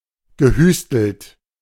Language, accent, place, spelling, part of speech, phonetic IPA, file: German, Germany, Berlin, gehüstelt, verb, [ɡəˈhyːstl̩t], De-gehüstelt.ogg
- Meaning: past participle of hüsteln